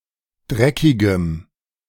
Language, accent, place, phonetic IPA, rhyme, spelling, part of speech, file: German, Germany, Berlin, [ˈdʁɛkɪɡəm], -ɛkɪɡəm, dreckigem, adjective, De-dreckigem.ogg
- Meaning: strong dative masculine/neuter singular of dreckig